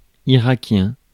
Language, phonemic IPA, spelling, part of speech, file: French, /i.ʁa.kjɛ̃/, irakien, adjective, Fr-irakien.ogg
- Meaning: of Iraq; Iraqi